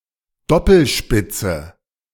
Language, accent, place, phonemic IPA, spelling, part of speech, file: German, Germany, Berlin, /ˈdɔpl̩ˌʃpɪt͡sə/, Doppelspitze, noun, De-Doppelspitze.ogg
- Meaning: 1. dual leadership 2. attack formation with two strikers